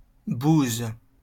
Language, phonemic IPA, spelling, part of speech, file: French, /buz/, bouse, noun, LL-Q150 (fra)-bouse.wav
- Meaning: 1. cowpat 2. water-bouget